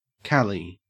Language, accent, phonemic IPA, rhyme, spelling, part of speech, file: English, Australia, /ˈkæli/, -æli, Cali, proper noun, En-au-Cali.ogg
- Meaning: 1. Nickname for California: a state of the United States 2. A city in western Colombia, southwest of Bogotá 3. A river in Colombia which flows by the city 4. Archaic form of Kali (“Hindu goddess”)